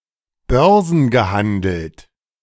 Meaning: traded (on the Stock Exchange)
- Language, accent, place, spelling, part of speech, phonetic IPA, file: German, Germany, Berlin, börsengehandelt, adjective, [ˈbœʁzn̩ɡəˌhandl̩t], De-börsengehandelt.ogg